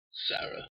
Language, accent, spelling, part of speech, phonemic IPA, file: English, US, Sarah, proper noun, /ˈsɛɚ.ə/, En-us-Sarah.ogg
- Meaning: 1. The wife of Abraham and mother of Isaac in the Bible 2. A female given name from Hebrew 3. A female given name from Arabic, ultimately from the same source